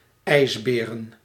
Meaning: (verb) to pace back and forth; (noun) plural of ijsbeer
- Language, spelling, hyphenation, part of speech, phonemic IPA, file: Dutch, ijsberen, ijs‧be‧ren, verb / noun, /ˈɛi̯sˌbeː.rə(n)/, Nl-ijsberen.ogg